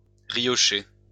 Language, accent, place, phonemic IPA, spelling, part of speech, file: French, France, Lyon, /ʁi.jɔ.ʃe/, riocher, verb, LL-Q150 (fra)-riocher.wav
- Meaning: to laugh softly